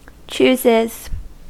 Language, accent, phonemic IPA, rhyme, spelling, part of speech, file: English, US, /ˈt͡ʃuːzɪz/, -uːzɪz, chooses, verb, En-us-chooses.ogg
- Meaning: third-person singular simple present indicative of choose